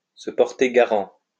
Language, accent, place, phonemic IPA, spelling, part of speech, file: French, France, Lyon, /sə pɔʁ.te ɡa.ʁɑ̃/, se porter garant, verb, LL-Q150 (fra)-se porter garant.wav
- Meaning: to vouch (for), to guarantee (the integrity or truth of something)